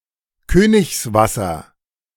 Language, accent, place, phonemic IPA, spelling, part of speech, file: German, Germany, Berlin, /ˈkøːnɪçsˌvasɐ/, Königswasser, noun, De-Königswasser.ogg
- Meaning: aqua regia (extremely powerful mixture of acids)